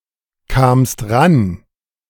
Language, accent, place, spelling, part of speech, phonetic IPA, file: German, Germany, Berlin, kamst ran, verb, [ˌkaːmst ˈʁan], De-kamst ran.ogg
- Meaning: second-person singular preterite of rankommen